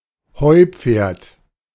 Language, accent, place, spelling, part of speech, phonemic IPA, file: German, Germany, Berlin, Heupferd, noun, /ˈhɔɪ̯ˌp͡feːɐ̯t/, De-Heupferd.ogg
- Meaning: synonym of Heuschrecke